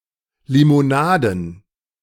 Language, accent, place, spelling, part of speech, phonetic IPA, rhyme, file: German, Germany, Berlin, Limonaden, noun, [limoˈnaːdn̩], -aːdn̩, De-Limonaden.ogg
- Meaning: plural of Limonade